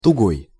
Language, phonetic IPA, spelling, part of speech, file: Russian, [tʊˈɡoj], тугой, adjective, Ru-тугой.ogg
- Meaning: tight, taut (under high tension)